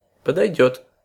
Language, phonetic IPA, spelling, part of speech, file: Russian, [pədɐjˈdʲɵt], подойдёт, verb, Ru-подойдёт.ogg
- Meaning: third-person singular future indicative perfective of подойти́ (podojtí)